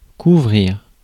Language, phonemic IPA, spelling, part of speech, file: French, /ku.vʁiʁ/, couvrir, verb, Fr-couvrir.ogg
- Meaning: 1. to cover up, to cover (put a cover over) 2. to cover (feature, discuss, mention)